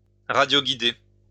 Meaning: to control by radio
- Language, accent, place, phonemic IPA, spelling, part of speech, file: French, France, Lyon, /ʁa.djo.ɡi.de/, radioguider, verb, LL-Q150 (fra)-radioguider.wav